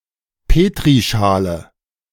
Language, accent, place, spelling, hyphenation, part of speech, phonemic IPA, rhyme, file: German, Germany, Berlin, Petrischale, Pe‧t‧ri‧scha‧le, noun, /ˈpeːtʁiˌʃaːlə/, -aːlə, De-Petrischale.ogg
- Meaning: Petri dish